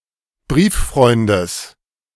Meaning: genitive of Brieffreund
- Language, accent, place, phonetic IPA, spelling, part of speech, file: German, Germany, Berlin, [ˈbʁiːfˌfʁɔɪ̯ndəs], Brieffreundes, noun, De-Brieffreundes.ogg